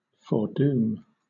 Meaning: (noun) A doom that is predicted; destiny; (verb) To predestine to a doom
- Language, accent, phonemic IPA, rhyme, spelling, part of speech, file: English, Southern England, /ˈfɔːduːm/, -uːm, foredoom, noun / verb, LL-Q1860 (eng)-foredoom.wav